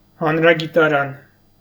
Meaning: encyclopedia
- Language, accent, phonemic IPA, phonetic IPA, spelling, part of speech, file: Armenian, Eastern Armenian, /hɑnɾɑɡitɑˈɾɑn/, [hɑnɾɑɡitɑɾɑ́n], հանրագիտարան, noun, Hy-հանրագիտարան.ogg